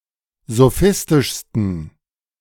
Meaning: 1. superlative degree of sophistisch 2. inflection of sophistisch: strong genitive masculine/neuter singular superlative degree
- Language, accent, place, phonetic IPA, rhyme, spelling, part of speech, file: German, Germany, Berlin, [zoˈfɪstɪʃstn̩], -ɪstɪʃstn̩, sophistischsten, adjective, De-sophistischsten.ogg